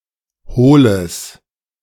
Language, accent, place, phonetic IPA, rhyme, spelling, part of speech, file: German, Germany, Berlin, [ˈhoːləs], -oːləs, hohles, adjective, De-hohles.ogg
- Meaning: strong/mixed nominative/accusative neuter singular of hohl